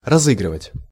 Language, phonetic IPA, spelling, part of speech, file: Russian, [rɐˈzɨɡrɨvətʲ], разыгрывать, verb, Ru-разыгрывать.ogg
- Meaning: 1. to play, to perform 2. to raffle off, to draw 3. to play a trick, to play a practical joke, to pull one's leg